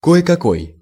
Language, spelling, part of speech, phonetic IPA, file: Russian, кое-какой, pronoun, [ˌko(j)ɪ kɐˈkoj], Ru-кое-какой.ogg
- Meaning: some, any